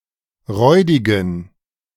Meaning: inflection of räudig: 1. strong genitive masculine/neuter singular 2. weak/mixed genitive/dative all-gender singular 3. strong/weak/mixed accusative masculine singular 4. strong dative plural
- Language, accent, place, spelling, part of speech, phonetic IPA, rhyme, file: German, Germany, Berlin, räudigen, adjective, [ˈʁɔɪ̯dɪɡn̩], -ɔɪ̯dɪɡn̩, De-räudigen.ogg